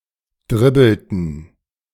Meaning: inflection of dribbeln: 1. first/third-person plural preterite 2. first/third-person plural subjunctive II
- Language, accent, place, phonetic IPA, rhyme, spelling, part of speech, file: German, Germany, Berlin, [ˈdʁɪbl̩tn̩], -ɪbl̩tn̩, dribbelten, verb, De-dribbelten.ogg